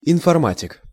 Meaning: genitive plural of информа́тика (informátika)
- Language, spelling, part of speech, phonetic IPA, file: Russian, информатик, noun, [ɪnfɐrˈmatʲɪk], Ru-информатик.ogg